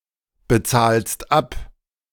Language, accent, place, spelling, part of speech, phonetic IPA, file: German, Germany, Berlin, bezahlst ab, verb, [bəˌt͡saːlst ˈap], De-bezahlst ab.ogg
- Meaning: second-person singular present of abbezahlen